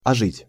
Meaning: 1. to return to life, to revive 2. to perk up, to come alive
- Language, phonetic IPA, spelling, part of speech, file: Russian, [ɐˈʐɨtʲ], ожить, verb, Ru-ожить.ogg